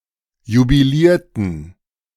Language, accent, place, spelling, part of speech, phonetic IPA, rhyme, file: German, Germany, Berlin, jubilierten, verb, [jubiˈliːɐ̯tn̩], -iːɐ̯tn̩, De-jubilierten.ogg
- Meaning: inflection of jubilieren: 1. first/third-person plural preterite 2. first/third-person plural subjunctive II